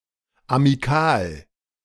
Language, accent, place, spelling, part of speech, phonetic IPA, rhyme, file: German, Germany, Berlin, amikal, adjective, [amiˈkaːl], -aːl, De-amikal.ogg
- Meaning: amical, amicable